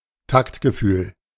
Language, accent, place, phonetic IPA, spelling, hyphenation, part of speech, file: German, Germany, Berlin, [ˈtaktɡəˌfyːl], Taktgefühl, Takt‧ge‧fühl, noun, De-Taktgefühl.ogg
- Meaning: tact